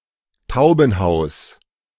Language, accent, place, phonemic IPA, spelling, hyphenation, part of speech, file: German, Germany, Berlin, /ˈtaʊ̯bn̩ˌhaʊ̯s/, Taubenhaus, Tau‧ben‧haus, noun, De-Taubenhaus.ogg
- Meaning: dovecote